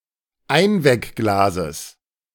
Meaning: genitive singular of Einweckglas
- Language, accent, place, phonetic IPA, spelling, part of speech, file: German, Germany, Berlin, [ˈaɪ̯nvɛkˌɡlaːzəs], Einweckglases, noun, De-Einweckglases.ogg